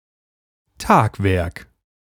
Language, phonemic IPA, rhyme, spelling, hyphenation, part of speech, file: German, /ˈtaːkˌvɛʁk/, -ɛʁk, Tagwerk, Tag‧werk, noun, De-Tagwerk.ogg
- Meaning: 1. a day's work 2. measure of land approximating 0.7 acres (0.3 ha)